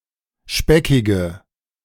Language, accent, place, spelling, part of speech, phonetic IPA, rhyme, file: German, Germany, Berlin, speckige, adjective, [ˈʃpɛkɪɡə], -ɛkɪɡə, De-speckige.ogg
- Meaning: inflection of speckig: 1. strong/mixed nominative/accusative feminine singular 2. strong nominative/accusative plural 3. weak nominative all-gender singular 4. weak accusative feminine/neuter singular